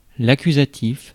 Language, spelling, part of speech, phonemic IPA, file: French, accusatif, noun, /a.ky.za.tif/, Fr-accusatif.ogg
- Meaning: accusative, accusative case